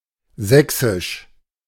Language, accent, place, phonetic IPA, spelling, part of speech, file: German, Germany, Berlin, [ˈzɛksɪʃ], sächsisch, adjective, De-sächsisch.ogg
- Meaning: 1. Saxon (of, from or relating to Saxony in modern Germany) 2. Saxon; Upper Saxon (pertaining the High German dialect spoken in Saxony) 3. Saxon (of the old Saxon tribe and their language)